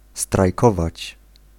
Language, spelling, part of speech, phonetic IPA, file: Polish, strajkować, verb, [strajˈkɔvat͡ɕ], Pl-strajkować.ogg